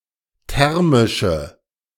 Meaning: inflection of thermisch: 1. strong/mixed nominative/accusative feminine singular 2. strong nominative/accusative plural 3. weak nominative all-gender singular
- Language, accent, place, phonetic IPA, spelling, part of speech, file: German, Germany, Berlin, [ˈtɛʁmɪʃə], thermische, adjective, De-thermische.ogg